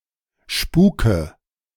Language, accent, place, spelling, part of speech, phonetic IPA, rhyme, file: German, Germany, Berlin, Spuke, noun, [ˈʃpuːkə], -uːkə, De-Spuke.ogg
- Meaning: nominative/accusative/genitive plural of Spuk